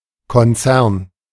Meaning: business group, corporate group
- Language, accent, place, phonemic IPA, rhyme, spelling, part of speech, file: German, Germany, Berlin, /kɔnˈt͡sɛʁn/, -ɛʁn, Konzern, noun, De-Konzern.ogg